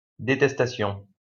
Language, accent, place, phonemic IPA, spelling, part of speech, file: French, France, Lyon, /de.tɛs.ta.sjɔ̃/, détestation, noun, LL-Q150 (fra)-détestation.wav
- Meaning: detestation, abhorrence